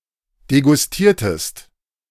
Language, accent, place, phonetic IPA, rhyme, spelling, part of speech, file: German, Germany, Berlin, [deɡʊsˈtiːɐ̯təst], -iːɐ̯təst, degustiertest, verb, De-degustiertest.ogg
- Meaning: inflection of degustieren: 1. second-person singular preterite 2. second-person singular subjunctive II